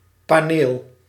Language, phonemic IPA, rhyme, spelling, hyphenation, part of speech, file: Dutch, /paːˈneːl/, -eːl, paneel, pa‧neel, noun, Nl-paneel.ogg
- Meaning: 1. panel (flat, rectangular, often wooden, surface) 2. control panel